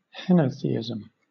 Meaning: Belief in or worship of one deity without denying the existence of other deities
- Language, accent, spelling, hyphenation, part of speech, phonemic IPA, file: English, Southern England, henotheism, he‧no‧the‧i‧sm, noun, /ˈhɛnəʊˌθiːɪz(ə)m/, LL-Q1860 (eng)-henotheism.wav